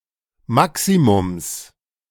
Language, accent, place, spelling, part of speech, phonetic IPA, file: German, Germany, Berlin, Maximums, noun, [ˈmaksimʊms], De-Maximums.ogg
- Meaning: genitive singular of Maximum